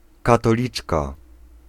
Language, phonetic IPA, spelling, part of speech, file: Polish, [ˌkatɔˈlʲit͡ʃka], katoliczka, noun, Pl-katoliczka.ogg